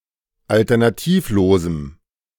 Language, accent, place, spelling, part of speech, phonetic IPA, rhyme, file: German, Germany, Berlin, alternativlosem, adjective, [ˌaltɐnaˈtiːfˌloːzm̩], -iːfloːzm̩, De-alternativlosem.ogg
- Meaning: strong dative masculine/neuter singular of alternativlos